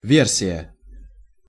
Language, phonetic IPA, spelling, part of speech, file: Russian, [ˈvʲersʲɪjə], версия, noun, Ru-версия.ogg
- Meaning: 1. version 2. account, story, theory, narrative (a version of events)